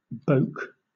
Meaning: 1. To thrust or push out; butt; poke 2. To retch or vomit
- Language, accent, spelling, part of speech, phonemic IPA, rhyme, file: English, Southern England, boke, verb, /bəʊk/, -əʊk, LL-Q1860 (eng)-boke.wav